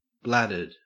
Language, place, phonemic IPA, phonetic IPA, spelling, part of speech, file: English, Queensland, /ˈblædəd/, [ˈblæd.ɜːd], bladdered, adjective, En-au-bladdered.ogg
- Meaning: 1. Having a specified kind of bladder 2. Drunk 3. Swollen like a bladder; bladdery